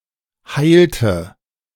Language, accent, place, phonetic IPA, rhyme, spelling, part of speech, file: German, Germany, Berlin, [ˈhaɪ̯ltə], -aɪ̯ltə, heilte, verb, De-heilte.ogg
- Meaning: inflection of heilen: 1. first/third-person singular preterite 2. first/third-person singular subjunctive II